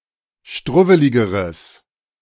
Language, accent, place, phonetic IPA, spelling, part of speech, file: German, Germany, Berlin, [ˈʃtʁʊvəlɪɡəʁəs], struwweligeres, adjective, De-struwweligeres.ogg
- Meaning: strong/mixed nominative/accusative neuter singular comparative degree of struwwelig